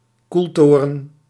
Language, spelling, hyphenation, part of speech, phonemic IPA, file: Dutch, koeltoren, koel‧to‧ren, noun, /ˈkulˌtoː.rə(n)/, Nl-koeltoren.ogg
- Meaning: a cooling tower